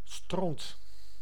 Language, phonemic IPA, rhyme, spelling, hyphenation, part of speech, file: Dutch, /strɔnt/, -ɔnt, stront, stront, noun, Nl-stront.ogg
- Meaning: a huge shit, dung